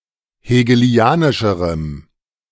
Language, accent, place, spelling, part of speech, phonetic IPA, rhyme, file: German, Germany, Berlin, hegelianischerem, adjective, [heːɡəˈli̯aːnɪʃəʁəm], -aːnɪʃəʁəm, De-hegelianischerem.ogg
- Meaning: strong dative masculine/neuter singular comparative degree of hegelianisch